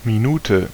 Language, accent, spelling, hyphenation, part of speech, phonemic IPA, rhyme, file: German, Germany, Minute, Mi‧nu‧te, noun, /miˈnuːtə/, -uːtə, De-Minute.ogg
- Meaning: minute (unit of time; unit of angle)